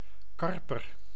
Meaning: 1. carp (Cyprinus carpio) 2. any of various, related freshwater fish species of the family Cyprinidae
- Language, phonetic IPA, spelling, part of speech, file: Dutch, [ˈkɑr.pər], karper, noun, Nl-karper.ogg